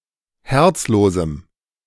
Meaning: strong dative masculine/neuter singular of herzlos
- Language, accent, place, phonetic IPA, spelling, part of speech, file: German, Germany, Berlin, [ˈhɛʁt͡sˌloːzm̩], herzlosem, adjective, De-herzlosem.ogg